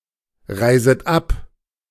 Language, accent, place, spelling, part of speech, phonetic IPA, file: German, Germany, Berlin, reiset ab, verb, [ˌʁaɪ̯zət ˈap], De-reiset ab.ogg
- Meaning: second-person plural subjunctive I of abreisen